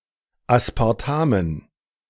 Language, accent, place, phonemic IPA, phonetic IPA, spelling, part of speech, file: German, Germany, Berlin, /aspaʁˈtamən/, [ʔäspʰäʁˈtʰämən], Aspartamen, noun, De-Aspartamen.ogg
- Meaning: dative plural of Aspartam